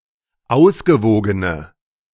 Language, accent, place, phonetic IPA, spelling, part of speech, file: German, Germany, Berlin, [ˈaʊ̯sɡəˌvoːɡənə], ausgewogene, adjective, De-ausgewogene.ogg
- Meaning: inflection of ausgewogen: 1. strong/mixed nominative/accusative feminine singular 2. strong nominative/accusative plural 3. weak nominative all-gender singular